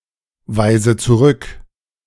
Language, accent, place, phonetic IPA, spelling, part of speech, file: German, Germany, Berlin, [ˌvaɪ̯zə t͡suˈʁʏk], weise zurück, verb, De-weise zurück.ogg
- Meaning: inflection of zurückweisen: 1. first-person singular present 2. first/third-person singular subjunctive I 3. singular imperative